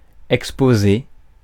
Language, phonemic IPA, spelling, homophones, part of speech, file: French, /ɛk.spo.ze/, exposer, exposai / exposé / exposée / exposées / exposés, verb, Fr-exposer.ogg
- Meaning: 1. to expose 2. to exhibit 3. to explain, make known